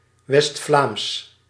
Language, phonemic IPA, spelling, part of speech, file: Dutch, /ʋɛs(t)ˈflaːms/, West-Vlaams, proper noun, Nl-West-Vlaams.ogg
- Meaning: West Flemish (language)